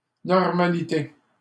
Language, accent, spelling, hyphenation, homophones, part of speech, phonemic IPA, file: French, Canada, normalité, nor‧ma‧li‧té, normalités, noun, /nɔʁ.ma.li.te/, LL-Q150 (fra)-normalité.wav
- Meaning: normality